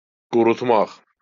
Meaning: to dry
- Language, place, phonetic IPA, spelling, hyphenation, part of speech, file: Azerbaijani, Baku, [ɡurutˈmɑχ], qurutmaq, qu‧rut‧maq, verb, LL-Q9292 (aze)-qurutmaq.wav